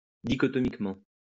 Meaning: dichotomously
- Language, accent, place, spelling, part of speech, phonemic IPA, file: French, France, Lyon, dichotomiquement, adverb, /di.kɔ.tɔ.mik.mɑ̃/, LL-Q150 (fra)-dichotomiquement.wav